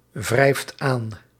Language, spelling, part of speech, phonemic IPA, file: Dutch, wrijft aan, verb, /ˈvrɛift ˈan/, Nl-wrijft aan.ogg
- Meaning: inflection of aanwrijven: 1. second/third-person singular present indicative 2. plural imperative